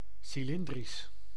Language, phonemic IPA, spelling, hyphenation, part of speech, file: Dutch, /ˌsiˈlɪn.dris/, cilindrisch, ci‧lin‧drisch, adjective, Nl-cilindrisch.ogg
- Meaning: cylindrical